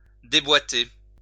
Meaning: 1. to take apart, disconnect (an assembled object) 2. to dislocate 3. to move out of line
- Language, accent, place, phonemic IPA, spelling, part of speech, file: French, France, Lyon, /de.bwa.te/, déboîter, verb, LL-Q150 (fra)-déboîter.wav